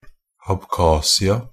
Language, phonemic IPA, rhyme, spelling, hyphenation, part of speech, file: Norwegian Bokmål, /abˈkɑːsɪa/, -ɪa, Abkhasia, Ab‧kha‧si‧a, proper noun, NB - Pronunciation of Norwegian Bokmål «Abkhasia».ogg